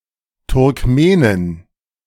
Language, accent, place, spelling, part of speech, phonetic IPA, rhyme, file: German, Germany, Berlin, Turkmenin, noun, [tʊʁkˈmeːnɪn], -eːnɪn, De-Turkmenin.ogg
- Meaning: Turkmen (woman from Turkmenistan)